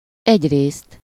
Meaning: on the one hand
- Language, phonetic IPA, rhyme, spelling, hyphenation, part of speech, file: Hungarian, [ˈɛɟreːst], -eːst, egyrészt, egy‧részt, adverb, Hu-egyrészt.ogg